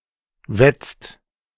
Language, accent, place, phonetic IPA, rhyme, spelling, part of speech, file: German, Germany, Berlin, [vɛt͡st], -ɛt͡st, wetzt, verb, De-wetzt.ogg
- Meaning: inflection of wetzen: 1. second/third-person singular present 2. second-person plural present 3. plural imperative